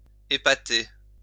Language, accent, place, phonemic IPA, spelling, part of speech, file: French, France, Lyon, /e.pa.te/, épater, verb, LL-Q150 (fra)-épater.wav
- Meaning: 1. to deprive something of a paw or foot, or to damage/break its paw or foot so that it loses its support or normal function 2. to flatten 3. to knock down; to cause to sprawl on the ground